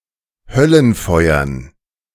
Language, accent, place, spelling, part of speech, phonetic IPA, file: German, Germany, Berlin, Höllenfeuern, noun, [ˈhœlənˌfɔɪ̯ɐn], De-Höllenfeuern.ogg
- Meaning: dative plural of Höllenfeuer